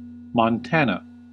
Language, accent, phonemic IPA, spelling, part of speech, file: English, US, /mɑnˈtænə/, Montana, proper noun, En-us-Montana.ogg
- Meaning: A placename.: 1. A town and province in northwestern Bulgaria 2. A former municipality of Valais canton, Switzerland 3. A locality in northern Tasmania, Australia